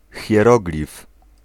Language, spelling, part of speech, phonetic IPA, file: Polish, hieroglif, noun, [xʲjɛˈrɔɡlʲif], Pl-hieroglif.ogg